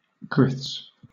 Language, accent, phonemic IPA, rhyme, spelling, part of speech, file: English, Southern England, /ˈɡɹɪθs/, -ɪθs, griths, noun, LL-Q1860 (eng)-griths.wav
- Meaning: plural of grith